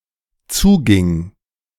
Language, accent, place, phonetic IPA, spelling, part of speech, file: German, Germany, Berlin, [ˈt͡suːˌɡɪŋ], zuging, verb, De-zuging.ogg
- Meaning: first/third-person singular dependent preterite of zugehen